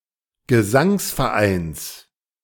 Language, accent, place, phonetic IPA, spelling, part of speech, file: German, Germany, Berlin, [ɡəˈzaŋsfɛɐ̯ˌʔaɪ̯ns], Gesangsvereins, noun, De-Gesangsvereins.ogg
- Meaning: genitive singular of Gesangsverein